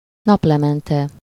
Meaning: sunset (time of day)
- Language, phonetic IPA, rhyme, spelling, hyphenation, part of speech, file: Hungarian, [ˈnɒplɛmɛntɛ], -tɛ, naplemente, nap‧le‧men‧te, noun, Hu-naplemente.ogg